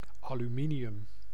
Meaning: aluminium
- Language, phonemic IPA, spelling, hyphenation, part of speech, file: Dutch, /ˌaː.lyˈmi.ni.ʏm/, aluminium, alu‧mi‧ni‧um, noun, Nl-aluminium.ogg